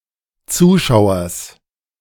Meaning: genitive singular of Zuschauer
- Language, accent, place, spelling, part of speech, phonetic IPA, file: German, Germany, Berlin, Zuschauers, noun, [ˈt͡suːˌʃaʊ̯ɐs], De-Zuschauers.ogg